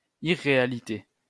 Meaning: irreality (quality of being unreal)
- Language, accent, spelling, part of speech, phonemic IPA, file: French, France, irréalité, noun, /i.ʁe.a.li.te/, LL-Q150 (fra)-irréalité.wav